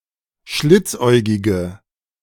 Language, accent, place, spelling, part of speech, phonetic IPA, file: German, Germany, Berlin, schlitzäugige, adjective, [ˈʃlɪt͡sˌʔɔɪ̯ɡɪɡə], De-schlitzäugige.ogg
- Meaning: inflection of schlitzäugig: 1. strong/mixed nominative/accusative feminine singular 2. strong nominative/accusative plural 3. weak nominative all-gender singular